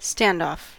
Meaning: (noun) 1. A device which maintains a fixed distance between two objects, especially between a surface and a sign or electrical wiring 2. A deadlocked confrontation between antagonists
- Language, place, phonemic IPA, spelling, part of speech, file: English, California, /ˈstændɔf/, standoff, noun / adjective / verb, En-us-standoff.ogg